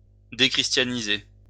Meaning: to dechristianize
- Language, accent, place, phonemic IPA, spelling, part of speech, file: French, France, Lyon, /de.kʁis.tja.ni.ze/, déchristianiser, verb, LL-Q150 (fra)-déchristianiser.wav